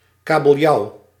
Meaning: 1. A cod, fish of the family Gadidae 2. Atlantic cod (Gadus morhua)
- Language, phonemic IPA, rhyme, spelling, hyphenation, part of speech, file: Dutch, /ˌkaː.bəlˈjɑu̯/, -ɑu̯, kabeljauw, ka‧bel‧jauw, noun, Nl-kabeljauw.ogg